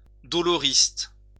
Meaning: doleful
- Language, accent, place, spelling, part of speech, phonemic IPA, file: French, France, Lyon, doloriste, adjective, /dɔ.lɔ.ʁist/, LL-Q150 (fra)-doloriste.wav